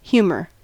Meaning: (noun) US spelling of humour
- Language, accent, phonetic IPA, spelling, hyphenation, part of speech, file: English, US, [ˈçjuːmɚ], humor, hu‧mor, noun / verb, En-us-humor.ogg